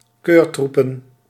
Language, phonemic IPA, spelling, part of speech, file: Dutch, /ˈkørtrupə(n)/, keurtroepen, noun, Nl-keurtroepen.ogg
- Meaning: plural of keurtroep